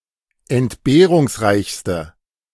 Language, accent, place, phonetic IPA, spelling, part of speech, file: German, Germany, Berlin, [ɛntˈbeːʁʊŋsˌʁaɪ̯çstə], entbehrungsreichste, adjective, De-entbehrungsreichste.ogg
- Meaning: inflection of entbehrungsreich: 1. strong/mixed nominative/accusative feminine singular superlative degree 2. strong nominative/accusative plural superlative degree